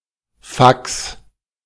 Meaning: 1. fax (document received and printed by a fax machine) 2. fax machine
- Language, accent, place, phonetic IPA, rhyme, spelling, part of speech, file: German, Germany, Berlin, [faks], -aks, Fax, noun, De-Fax.ogg